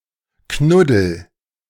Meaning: inflection of knuddeln: 1. first-person singular present 2. singular imperative
- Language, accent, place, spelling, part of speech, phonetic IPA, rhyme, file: German, Germany, Berlin, knuddel, verb, [ˈknʊdl̩], -ʊdl̩, De-knuddel.ogg